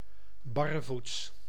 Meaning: barefoot (wearing no footwear at all)
- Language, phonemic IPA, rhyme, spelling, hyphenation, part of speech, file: Dutch, /ˌbɑ.rəˈvuts/, -uts, barrevoets, bar‧re‧voets, adverb, Nl-barrevoets.ogg